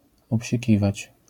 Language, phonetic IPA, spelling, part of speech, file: Polish, [ˌɔpʲɕiˈcivat͡ɕ], obsikiwać, verb, LL-Q809 (pol)-obsikiwać.wav